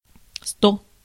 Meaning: hundred (100)
- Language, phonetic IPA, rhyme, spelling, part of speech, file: Russian, [sto], -o, сто, numeral, Ru-сто.ogg